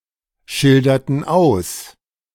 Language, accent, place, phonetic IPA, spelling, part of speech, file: German, Germany, Berlin, [ˌʃɪldɐtn̩ ˈaʊ̯s], schilderten aus, verb, De-schilderten aus.ogg
- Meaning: inflection of ausschildern: 1. first/third-person plural preterite 2. first/third-person plural subjunctive II